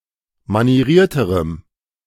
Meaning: strong dative masculine/neuter singular comparative degree of manieriert
- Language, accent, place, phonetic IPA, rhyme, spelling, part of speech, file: German, Germany, Berlin, [maniˈʁiːɐ̯təʁəm], -iːɐ̯təʁəm, manierierterem, adjective, De-manierierterem.ogg